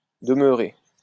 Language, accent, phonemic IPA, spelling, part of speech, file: French, France, /də.mœ.ʁe/, demeurée, verb, LL-Q150 (fra)-demeurée.wav
- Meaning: feminine singular of demeuré